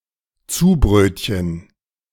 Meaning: sandwich (two slices of bread)
- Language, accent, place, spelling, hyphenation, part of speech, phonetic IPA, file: German, Germany, Berlin, Zubrötchen, Zu‧bröt‧chen, noun, [ˈtsuːˌbr̺øːtçən], De-Zubrötchen.ogg